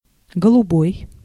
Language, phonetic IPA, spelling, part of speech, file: Russian, [ɡəɫʊˈboj], голубой, adjective / noun, Ru-голубой.ogg
- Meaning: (adjective) 1. light blue, sky blue, azure (contrasts with си́ний (sínij, “dark blue, indigo”)) 2. ideal 3. cyan (e.g. in the CMYK color model)